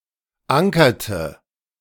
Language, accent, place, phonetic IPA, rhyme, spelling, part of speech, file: German, Germany, Berlin, [ˈaŋkɐtə], -aŋkɐtə, ankerte, verb, De-ankerte.ogg
- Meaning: inflection of ankern: 1. first/third-person singular preterite 2. first/third-person singular subjunctive II